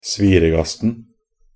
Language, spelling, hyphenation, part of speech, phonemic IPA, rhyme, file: Norwegian Bokmål, sviregasten, svi‧re‧gast‧en, noun, /ˈsʋiːrəɡastn̩/, -astn̩, Nb-sviregasten.ogg
- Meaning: definite singular of sviregast